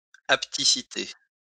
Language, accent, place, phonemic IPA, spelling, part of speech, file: French, France, Lyon, /ap.ti.si.te/, hapticité, noun, LL-Q150 (fra)-hapticité.wav
- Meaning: hapticity